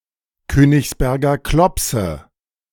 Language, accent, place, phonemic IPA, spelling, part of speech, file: German, Germany, Berlin, /ˈkøːnɪçsˌbɛɐ̯ɡɐ ˈklɔpsə/, Königsberger Klopse, noun, De-Königsberger Klopse.ogg
- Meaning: Königsberger Klopse (East Prussian dish of meatballs)